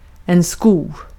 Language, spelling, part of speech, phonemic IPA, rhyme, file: Swedish, sko, noun / verb, /skuː/, -uː, Sv-sko.ogg
- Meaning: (noun) 1. a shoe (on foot, hoof, etc.) 2. a lining (of iron on a wooden tool; similar to a horseshoe); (verb) to shoe, to put on shoes; especially on a horse